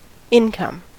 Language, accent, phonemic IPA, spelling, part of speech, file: English, US, /ˈɪnˌkʌm/, income, noun, En-us-income.ogg
- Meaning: 1. Money one earns by working or by capitalising on the work of others 2. Money coming in to a fund, account, or policy 3. A coming in; arrival; entrance; introduction